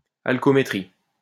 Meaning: alcoholometry
- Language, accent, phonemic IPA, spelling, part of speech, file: French, France, /al.kɔ.me.tʁi/, alcoométrie, noun, LL-Q150 (fra)-alcoométrie.wav